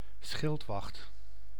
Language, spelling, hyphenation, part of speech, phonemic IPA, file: Dutch, schildwacht, schild‧wacht, noun, /ˈsxɪlt.ʋɑxt/, Nl-schildwacht.ogg
- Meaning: 1. a guard, a sentry, especially in a military or paramilitary context 2. guard duty